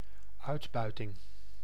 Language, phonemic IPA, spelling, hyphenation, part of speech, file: Dutch, /ˈœy̯tˌbœy̯.tɪŋ/, uitbuiting, uit‧bui‧ting, noun, Nl-uitbuiting.ogg
- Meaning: exploitation